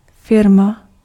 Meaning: firm (business)
- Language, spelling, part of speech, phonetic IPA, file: Czech, firma, noun, [ˈfɪrma], Cs-firma.ogg